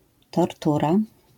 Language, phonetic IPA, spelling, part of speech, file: Polish, [tɔrˈtura], tortura, noun, LL-Q809 (pol)-tortura.wav